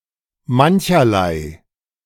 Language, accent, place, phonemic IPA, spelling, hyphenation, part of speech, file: German, Germany, Berlin, /ˈman.çɐ.laɪ̯/, mancherlei, man‧cher‧lei, adjective, De-mancherlei.ogg
- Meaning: Various, of many types